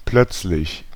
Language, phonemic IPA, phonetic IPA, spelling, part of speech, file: German, /ˈplœt͡slɪç/, [ˈpʰl̥œt͡slɪç], plötzlich, adverb / adjective, De-plötzlich.ogg
- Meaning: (adverb) suddenly, abruptly; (adjective) sudden, abrupt, brusque